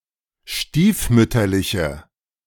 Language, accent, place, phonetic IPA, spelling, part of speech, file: German, Germany, Berlin, [ˈʃtiːfˌmʏtɐlɪçə], stiefmütterliche, adjective, De-stiefmütterliche.ogg
- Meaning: inflection of stiefmütterlich: 1. strong/mixed nominative/accusative feminine singular 2. strong nominative/accusative plural 3. weak nominative all-gender singular